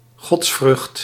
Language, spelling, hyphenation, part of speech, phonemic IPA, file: Dutch, godsvrucht, gods‧vrucht, noun, /ˈɣɔts.frʏxt/, Nl-godsvrucht.ogg
- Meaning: piety